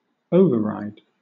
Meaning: 1. A mechanism, device or procedure used to counteract an automatic control 2. A royalty 3. A device for prioritizing audio signals, such that certain signals receive priority over others
- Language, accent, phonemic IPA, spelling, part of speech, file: English, Southern England, /ˈəʊ.vəˌɹaɪd/, override, noun, LL-Q1860 (eng)-override.wav